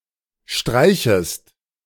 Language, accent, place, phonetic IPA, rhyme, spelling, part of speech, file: German, Germany, Berlin, [ˈʃtʁaɪ̯çəst], -aɪ̯çəst, streichest, verb, De-streichest.ogg
- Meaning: second-person singular subjunctive I of streichen